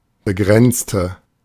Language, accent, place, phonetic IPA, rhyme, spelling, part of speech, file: German, Germany, Berlin, [bəˈɡʁɛnt͡stə], -ɛnt͡stə, begrenzte, adjective / verb, De-begrenzte.ogg
- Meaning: inflection of begrenzen: 1. first/third-person singular preterite 2. first/third-person singular subjunctive II